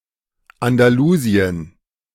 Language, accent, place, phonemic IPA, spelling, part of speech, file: German, Germany, Berlin, /andaˈluːzi̯ən/, Andalusien, proper noun, De-Andalusien.ogg
- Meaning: Andalusia (a historical region and autonomous community in southern Spain, the most populated and second largest of the seventeen autonomous communities that constitute Spain)